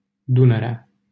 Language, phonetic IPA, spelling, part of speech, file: Romanian, [ˈdu.nə.re̯a], Dunărea, proper noun, LL-Q7913 (ron)-Dunărea.wav
- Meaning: 1. definite nominative/accusative singular of Dunăre 2. a village in Seimeni, Constanța County, Romania